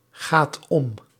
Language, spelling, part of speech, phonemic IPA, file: Dutch, gaat om, verb, /ˈɣat ˈɔm/, Nl-gaat om.ogg
- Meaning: inflection of omgaan: 1. second/third-person singular present indicative 2. plural imperative